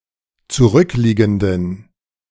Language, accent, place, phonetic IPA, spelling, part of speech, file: German, Germany, Berlin, [t͡suˈʁʏkˌliːɡn̩dən], zurückliegenden, adjective, De-zurückliegenden.ogg
- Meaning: inflection of zurückliegend: 1. strong genitive masculine/neuter singular 2. weak/mixed genitive/dative all-gender singular 3. strong/weak/mixed accusative masculine singular 4. strong dative plural